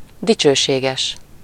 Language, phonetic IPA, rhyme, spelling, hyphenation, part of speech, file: Hungarian, [ˈdit͡ʃøːʃeːɡɛʃ], -ɛʃ, dicsőséges, di‧cső‧sé‧ges, adjective, Hu-dicsőséges.ogg
- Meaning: glorious, honourable, honorable